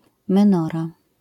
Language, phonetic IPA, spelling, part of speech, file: Polish, [mɛ̃ˈnɔra], menora, noun, LL-Q809 (pol)-menora.wav